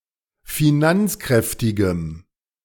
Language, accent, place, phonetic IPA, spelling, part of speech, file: German, Germany, Berlin, [fiˈnant͡sˌkʁɛftɪɡəm], finanzkräftigem, adjective, De-finanzkräftigem.ogg
- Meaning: strong dative masculine/neuter singular of finanzkräftig